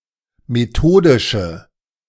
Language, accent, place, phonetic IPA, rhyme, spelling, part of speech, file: German, Germany, Berlin, [meˈtoːdɪʃə], -oːdɪʃə, methodische, adjective, De-methodische.ogg
- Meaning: inflection of methodisch: 1. strong/mixed nominative/accusative feminine singular 2. strong nominative/accusative plural 3. weak nominative all-gender singular